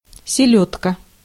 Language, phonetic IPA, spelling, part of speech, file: Russian, [sʲɪˈlʲɵtkə], селёдка, noun, Ru-селёдка.ogg
- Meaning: herring (Clupea)